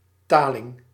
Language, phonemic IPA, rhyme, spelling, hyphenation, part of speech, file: Dutch, /ˈtaːlɪŋ/, -aːlɪŋ, taling, ta‧ling, noun, Nl-taling.ogg
- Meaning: teal, one of certain small ducks of the genera Anas and Spatula